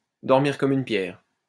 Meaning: to sleep like a log
- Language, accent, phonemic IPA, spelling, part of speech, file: French, France, /dɔʁ.miʁ kɔm yn pjɛʁ/, dormir comme une pierre, verb, LL-Q150 (fra)-dormir comme une pierre.wav